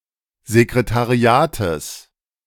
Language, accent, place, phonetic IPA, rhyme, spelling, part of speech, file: German, Germany, Berlin, [zekʁetaˈʁi̯aːtəs], -aːtəs, Sekretariates, noun, De-Sekretariates.ogg
- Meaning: genitive of Sekretariat